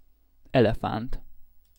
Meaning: elephant
- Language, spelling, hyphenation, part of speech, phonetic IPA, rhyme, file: Hungarian, elefánt, ele‧fánt, noun, [ˈɛlɛfaːnt], -aːnt, Hu-elefánt.ogg